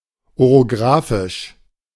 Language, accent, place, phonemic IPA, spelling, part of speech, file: German, Germany, Berlin, /oʁoˈɡʁaːfɪʃ/, orographisch, adjective, De-orographisch.ogg
- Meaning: orographic